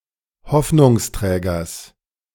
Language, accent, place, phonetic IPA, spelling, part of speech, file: German, Germany, Berlin, [ˈhɔfnʊŋsˌtʁɛːɡɐs], Hoffnungsträgers, noun, De-Hoffnungsträgers.ogg
- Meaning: genitive singular of Hoffnungsträger